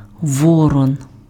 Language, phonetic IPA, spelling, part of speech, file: Ukrainian, [ˈwɔrɔn], ворон, noun, Uk-ворон.ogg
- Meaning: raven